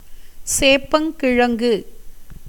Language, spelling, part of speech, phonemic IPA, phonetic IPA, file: Tamil, சேப்பங்கிழங்கு, noun, /tʃeːpːɐŋɡɪɻɐŋɡɯ/, [seːpːɐŋɡɪɻɐŋɡɯ], Ta-சேப்பங்கிழங்கு.ogg
- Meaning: eddo, Colocasia esculenta